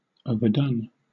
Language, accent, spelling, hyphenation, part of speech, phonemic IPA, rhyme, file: English, Southern England, overdone, o‧ver‧done, adjective / verb, /ˌəʊ.vəˈdʌn/, -ʌn, LL-Q1860 (eng)-overdone.wav
- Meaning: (adjective) 1. Cooked too much 2. Exaggerated; overwrought 3. Repeated too often; hackneyed; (verb) past participle of overdo